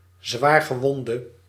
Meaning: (noun) a badly injured person; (adjective) inflection of zwaargewond: 1. masculine/feminine singular attributive 2. definite neuter singular attributive 3. plural attributive
- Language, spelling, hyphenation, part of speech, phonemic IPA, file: Dutch, zwaargewonde, zwaar‧ge‧won‧de, noun / adjective, /ˌzʋaːr.ɣəˈʋɔn.də/, Nl-zwaargewonde.ogg